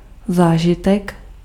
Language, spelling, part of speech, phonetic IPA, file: Czech, zážitek, noun, [ˈzaːʒɪtɛk], Cs-zážitek.ogg
- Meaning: experience